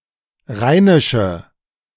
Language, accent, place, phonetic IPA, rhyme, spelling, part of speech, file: German, Germany, Berlin, [ˈʁaɪ̯nɪʃə], -aɪ̯nɪʃə, rheinische, adjective, De-rheinische.ogg
- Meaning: inflection of rheinisch: 1. strong/mixed nominative/accusative feminine singular 2. strong nominative/accusative plural 3. weak nominative all-gender singular